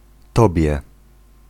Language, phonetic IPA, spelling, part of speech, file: Polish, [ˈtɔbʲjɛ], tobie, pronoun, Pl-tobie.ogg